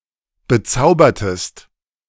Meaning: inflection of bezaubern: 1. second-person singular preterite 2. second-person singular subjunctive II
- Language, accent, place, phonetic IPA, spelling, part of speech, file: German, Germany, Berlin, [bəˈt͡saʊ̯bɐtəst], bezaubertest, verb, De-bezaubertest.ogg